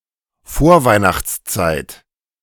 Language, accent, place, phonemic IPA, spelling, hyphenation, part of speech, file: German, Germany, Berlin, /ˈfoːɐ̯vaɪ̯naxt͡st͡saɪ̯t/, Vorweihnachtszeit, Vor‧weih‧nachts‧zeit, noun, De-Vorweihnachtszeit.ogg
- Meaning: pre-Christmas period, Advent season, Advent (the period between Advent Sunday and Christmas)